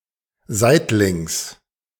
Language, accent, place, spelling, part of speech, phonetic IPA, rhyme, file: German, Germany, Berlin, seitlings, adverb, [ˈzaɪ̯tlɪŋs], -aɪ̯tlɪŋs, De-seitlings.ogg
- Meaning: sideways